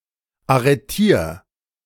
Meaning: 1. singular imperative of arretieren 2. first-person singular present of arretieren
- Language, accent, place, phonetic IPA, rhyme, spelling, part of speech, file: German, Germany, Berlin, [aʁəˈtiːɐ̯], -iːɐ̯, arretier, verb, De-arretier.ogg